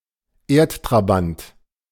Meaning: 1. the Moon; the moon of the Earth 2. satellite (man-made)
- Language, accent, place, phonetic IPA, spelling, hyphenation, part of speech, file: German, Germany, Berlin, [ˈeːɐ̯ttʁaˌbant], Erdtrabant, Erd‧trabant, noun, De-Erdtrabant.ogg